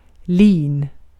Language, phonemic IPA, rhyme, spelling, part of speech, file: Swedish, /liːn/, -iːn, lin, noun, Sv-lin.ogg
- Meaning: flax (plant)